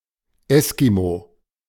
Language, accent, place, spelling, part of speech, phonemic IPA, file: German, Germany, Berlin, Eskimo, noun / proper noun, /ˈɛskimo/, De-Eskimo.ogg
- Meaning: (noun) Eskimo; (proper noun) Eskimo (language)